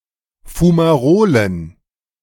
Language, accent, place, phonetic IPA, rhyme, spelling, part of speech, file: German, Germany, Berlin, [fumaˈʁoːlən], -oːlən, Fumarolen, noun, De-Fumarolen.ogg
- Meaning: plural of Fumarole